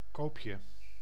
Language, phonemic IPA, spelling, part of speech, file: Dutch, /ˈkopjə/, koopje, noun, Nl-koopje.ogg
- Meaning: 1. diminutive of koop 2. bargain, deal 3. sale (a period of reduced prices)